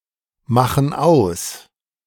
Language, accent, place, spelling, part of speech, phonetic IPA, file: German, Germany, Berlin, machen aus, verb, [ˌmaxn̩ ˈaʊ̯s], De-machen aus.ogg
- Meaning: inflection of ausmachen: 1. first/third-person plural present 2. first/third-person plural subjunctive I